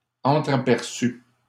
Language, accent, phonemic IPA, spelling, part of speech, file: French, Canada, /ɑ̃.tʁa.pɛʁ.sy/, entraperçue, adjective, LL-Q150 (fra)-entraperçue.wav
- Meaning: feminine singular of entraperçu